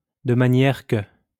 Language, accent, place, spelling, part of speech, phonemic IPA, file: French, France, Lyon, de manière que, conjunction, /də ma.njɛʁ kə/, LL-Q150 (fra)-de manière que.wav
- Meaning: 1. in such a way that 2. so as to, in order to